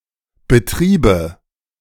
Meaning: nominative/accusative/genitive plural of Betrieb
- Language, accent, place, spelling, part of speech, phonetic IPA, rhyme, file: German, Germany, Berlin, Betriebe, noun, [bəˈtʁiːbə], -iːbə, De-Betriebe.ogg